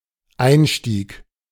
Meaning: 1. entrance 2. start
- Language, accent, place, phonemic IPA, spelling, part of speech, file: German, Germany, Berlin, /ˈaɪ̯nʃtiːk/, Einstieg, noun, De-Einstieg.ogg